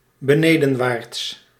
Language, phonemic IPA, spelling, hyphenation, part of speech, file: Dutch, /bəˈneː.də(n)ˌʋaːrts/, benedenwaarts, be‧ne‧den‧waarts, adverb / adjective, Nl-benedenwaarts.ogg
- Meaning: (adverb) downwards; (adjective) downward